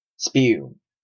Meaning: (noun) Foam or froth of liquid, particularly that of seawater; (verb) To froth
- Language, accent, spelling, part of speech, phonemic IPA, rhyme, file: English, Canada, spume, noun / verb, /spjuːm/, -uːm, En-ca-spume.oga